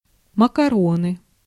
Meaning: macaroni
- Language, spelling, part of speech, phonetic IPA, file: Russian, макароны, noun, [məkɐˈronɨ], Ru-макароны.ogg